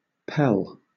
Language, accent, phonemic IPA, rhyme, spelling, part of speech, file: English, Southern England, /pɛl/, -ɛl, pell, noun / verb, LL-Q1860 (eng)-pell.wav
- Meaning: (noun) 1. A fur or hide 2. A lined cloak or its lining 3. A roll of parchment; a record kept on parchment 4. A body of water somewhere between a pond and a lake in size